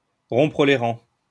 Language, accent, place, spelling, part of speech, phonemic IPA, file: French, France, Lyon, rompre les rangs, verb, /ʁɔ̃.pʁə le ʁɑ̃/, LL-Q150 (fra)-rompre les rangs.wav
- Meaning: 1. to break ranks (to march or charge out of the designated order in a military unit) 2. to break ranks (to publicly disagree with one's own group or organization)